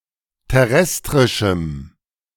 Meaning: strong dative masculine/neuter singular of terrestrisch
- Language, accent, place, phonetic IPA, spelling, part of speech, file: German, Germany, Berlin, [tɛˈʁɛstʁɪʃm̩], terrestrischem, adjective, De-terrestrischem.ogg